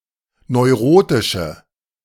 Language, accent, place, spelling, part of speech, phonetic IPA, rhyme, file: German, Germany, Berlin, neurotische, adjective, [nɔɪ̯ˈʁoːtɪʃə], -oːtɪʃə, De-neurotische.ogg
- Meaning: inflection of neurotisch: 1. strong/mixed nominative/accusative feminine singular 2. strong nominative/accusative plural 3. weak nominative all-gender singular